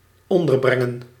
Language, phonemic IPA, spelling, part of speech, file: Dutch, /ˈɔndərˌbrɛŋə(n)/, onderbrengen, verb, Nl-onderbrengen.ogg
- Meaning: 1. to accommodate, lodge 2. to categorize